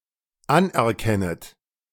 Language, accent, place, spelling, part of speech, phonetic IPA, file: German, Germany, Berlin, anerkennet, verb, [ˈanʔɛɐ̯ˌkɛnət], De-anerkennet.ogg
- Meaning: second-person plural dependent subjunctive I of anerkennen